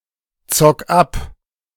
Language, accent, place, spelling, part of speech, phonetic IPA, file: German, Germany, Berlin, zock ab, verb, [ˌt͡sɔk ˈap], De-zock ab.ogg
- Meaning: 1. singular imperative of abzocken 2. first-person singular present of abzocken